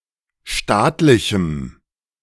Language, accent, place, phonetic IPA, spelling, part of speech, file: German, Germany, Berlin, [ˈʃtaːtlɪçm̩], staatlichem, adjective, De-staatlichem.ogg
- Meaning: strong dative masculine/neuter singular of staatlich